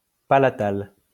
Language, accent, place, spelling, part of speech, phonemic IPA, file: French, France, Lyon, palatal, adjective, /pa.la.tal/, LL-Q150 (fra)-palatal.wav
- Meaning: palatal